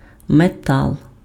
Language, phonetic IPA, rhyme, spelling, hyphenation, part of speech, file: Ukrainian, [meˈtaɫ], -aɫ, метал, ме‧тал, noun, Uk-метал.ogg
- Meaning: metal